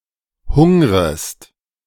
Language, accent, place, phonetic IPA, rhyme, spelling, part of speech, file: German, Germany, Berlin, [ˈhʊŋʁəst], -ʊŋʁəst, hungrest, verb, De-hungrest.ogg
- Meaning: second-person singular subjunctive I of hungern